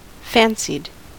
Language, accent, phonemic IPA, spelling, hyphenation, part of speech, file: English, General American, /ˈfænsɪd/, fancied, fan‧cied, adjective / verb, En-us-fancied.ogg
- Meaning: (adjective) Existing only in the fancy (“imagination”) or by social convention; imaginary, imagined; supposed; perceived rather than real